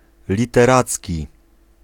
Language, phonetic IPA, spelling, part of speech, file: Polish, [ˌlʲitɛˈrat͡sʲci], literacki, adjective, Pl-literacki.ogg